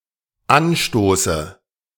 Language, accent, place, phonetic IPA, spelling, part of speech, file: German, Germany, Berlin, [ˈanˌʃtoːsə], anstoße, verb, De-anstoße.ogg
- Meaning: inflection of anstoßen: 1. first-person singular dependent present 2. first/third-person singular dependent subjunctive I